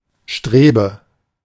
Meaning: strut, brace
- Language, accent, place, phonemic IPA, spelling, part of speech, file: German, Germany, Berlin, /ˈʃtʁeːbə/, Strebe, noun, De-Strebe.ogg